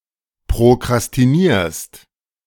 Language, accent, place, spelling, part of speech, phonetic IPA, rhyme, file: German, Germany, Berlin, prokrastinierst, verb, [pʁokʁastiˈniːɐ̯st], -iːɐ̯st, De-prokrastinierst.ogg
- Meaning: second-person singular present of prokrastinieren